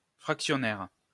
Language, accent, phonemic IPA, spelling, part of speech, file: French, France, /fʁak.sjɔ.nɛʁ/, fractionnaire, adjective, LL-Q150 (fra)-fractionnaire.wav
- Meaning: of fractions; fractional